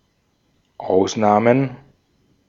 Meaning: plural of Ausnahme
- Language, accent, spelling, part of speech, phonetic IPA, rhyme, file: German, Austria, Ausnahmen, noun, [ˈaʊ̯sˌnaːmən], -aʊ̯snaːmən, De-at-Ausnahmen.ogg